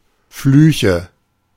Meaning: nominative/accusative/genitive plural of Fluch
- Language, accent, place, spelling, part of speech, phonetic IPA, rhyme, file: German, Germany, Berlin, Flüche, noun, [ˈflyːçə], -yːçə, De-Flüche.ogg